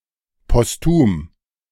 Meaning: posthumous
- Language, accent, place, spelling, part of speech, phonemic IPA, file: German, Germany, Berlin, postum, adjective, /pɔsˈtuːm/, De-postum.ogg